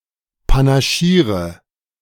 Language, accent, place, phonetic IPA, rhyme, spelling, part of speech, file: German, Germany, Berlin, [panaˈʃiːʁə], -iːʁə, panaschiere, verb, De-panaschiere.ogg
- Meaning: inflection of panaschieren: 1. first-person singular present 2. singular imperative 3. first/third-person singular subjunctive I